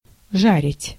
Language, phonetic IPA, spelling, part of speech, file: Russian, [ˈʐarʲɪtʲ], жарить, verb, Ru-жарить.ogg
- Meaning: 1. to roast, to fry, to broil, to grill 2. to burn, to scorch (of the sun) 3. to do something intensively